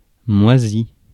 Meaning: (verb) past participle of moisir; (adjective) mouldy; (noun) mould (woolly or furry growth of tiny fungi)
- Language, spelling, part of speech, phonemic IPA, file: French, moisi, verb / adjective / noun, /mwa.zi/, Fr-moisi.ogg